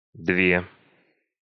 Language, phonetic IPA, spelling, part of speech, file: Russian, [ˈdvʲe], две, numeral, Ru-две.ogg
- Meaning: inflection of два (dva): 1. nominative feminine plural 2. inanimate accusative feminine plural